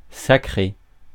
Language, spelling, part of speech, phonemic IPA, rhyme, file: French, sacré, adjective / verb, /sa.kʁe/, -e, Fr-sacré.ogg
- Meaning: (adjective) 1. sacred, holy 2. religious 3. very important 4. hell of a; bloody; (verb) past participle of sacrer; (adjective) sacrum, sacral